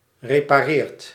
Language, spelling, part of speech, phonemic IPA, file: Dutch, repareert, verb, /reː.paːˈreːrt/, Nl-repareert.ogg
- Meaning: inflection of repareren: 1. second/third-person singular present indicative 2. plural imperative